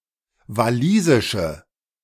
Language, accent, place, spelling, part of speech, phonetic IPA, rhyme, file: German, Germany, Berlin, walisische, adjective, [vaˈliːzɪʃə], -iːzɪʃə, De-walisische.ogg
- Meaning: inflection of walisisch: 1. strong/mixed nominative/accusative feminine singular 2. strong nominative/accusative plural 3. weak nominative all-gender singular